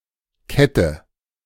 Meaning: 1. chain (series of interconnected rings, usually of metal) 2. necklace, bracelet, anklet (thin chain worn as jewelry) 3. chain, shackle, fetter (chain used to bind a person or animal)
- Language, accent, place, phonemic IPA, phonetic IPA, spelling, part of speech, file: German, Germany, Berlin, /ˈkɛtə/, [ˈkʰɛ.tʰə], Kette, noun, De-Kette.ogg